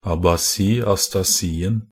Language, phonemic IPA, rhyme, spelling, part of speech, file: Norwegian Bokmål, /abaˈsiː.astaˈsiːn̩/, -iːn̩, abasi-astasien, noun, Nb-abasi-astasien.ogg
- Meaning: definite singular of abasi-astasi